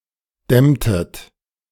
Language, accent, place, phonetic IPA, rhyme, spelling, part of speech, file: German, Germany, Berlin, [ˈdɛmtət], -ɛmtət, dämmtet, verb, De-dämmtet.ogg
- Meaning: inflection of dämmen: 1. second-person plural preterite 2. second-person plural subjunctive II